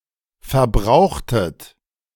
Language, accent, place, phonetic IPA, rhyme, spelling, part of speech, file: German, Germany, Berlin, [fɛɐ̯ˈbʁaʊ̯xtət], -aʊ̯xtət, verbrauchtet, verb, De-verbrauchtet.ogg
- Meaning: inflection of verbrauchen: 1. second-person plural preterite 2. second-person plural subjunctive II